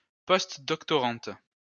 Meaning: female equivalent of postdoctorant
- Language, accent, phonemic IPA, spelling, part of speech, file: French, France, /pɔst.dɔk.tɔ.ʁɑ̃t/, postdoctorante, noun, LL-Q150 (fra)-postdoctorante.wav